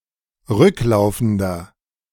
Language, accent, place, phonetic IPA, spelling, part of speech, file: German, Germany, Berlin, [ˈʁʏkˌlaʊ̯fn̩dɐ], rücklaufender, adjective, De-rücklaufender.ogg
- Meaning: inflection of rücklaufend: 1. strong/mixed nominative masculine singular 2. strong genitive/dative feminine singular 3. strong genitive plural